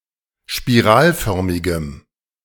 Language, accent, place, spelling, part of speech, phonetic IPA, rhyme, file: German, Germany, Berlin, spiralförmigem, adjective, [ʃpiˈʁaːlˌfœʁmɪɡəm], -aːlfœʁmɪɡəm, De-spiralförmigem.ogg
- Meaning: strong dative masculine/neuter singular of spiralförmig